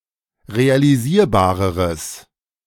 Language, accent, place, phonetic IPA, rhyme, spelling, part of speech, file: German, Germany, Berlin, [ʁealiˈziːɐ̯baːʁəʁəs], -iːɐ̯baːʁəʁəs, realisierbareres, adjective, De-realisierbareres.ogg
- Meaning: strong/mixed nominative/accusative neuter singular comparative degree of realisierbar